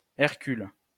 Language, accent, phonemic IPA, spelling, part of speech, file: French, France, /ɛʁ.kyl/, Hercule, proper noun, LL-Q150 (fra)-Hercule.wav
- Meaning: 1. Hercules 2. Hercules (constellation) 3. a male given name